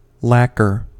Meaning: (noun) A glossy, resinous material used as a surface coating; either a natural exudation of certain trees, or a solution of nitrocellulose in alcohol, etc
- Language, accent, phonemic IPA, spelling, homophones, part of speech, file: English, US, /ˈlæk.ɚ/, lacquer, lacker, noun / verb, En-us-lacquer.ogg